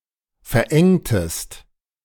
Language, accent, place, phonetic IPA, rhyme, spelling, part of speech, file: German, Germany, Berlin, [fɛɐ̯ˈʔɛŋtəst], -ɛŋtəst, verengtest, verb, De-verengtest.ogg
- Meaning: inflection of verengen: 1. second-person singular preterite 2. second-person singular subjunctive II